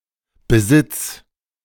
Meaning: singular imperative of besitzen
- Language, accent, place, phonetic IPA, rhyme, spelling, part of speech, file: German, Germany, Berlin, [bəˈzɪt͡s], -ɪt͡s, besitz, verb, De-besitz.ogg